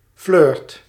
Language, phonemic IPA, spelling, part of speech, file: Dutch, /flʏːrt/, flirt, noun / verb, Nl-flirt.ogg
- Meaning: inflection of flirten: 1. first/second/third-person singular present indicative 2. imperative